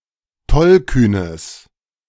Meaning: strong/mixed nominative/accusative neuter singular of tollkühn
- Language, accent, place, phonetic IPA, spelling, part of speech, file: German, Germany, Berlin, [ˈtɔlˌkyːnəs], tollkühnes, adjective, De-tollkühnes.ogg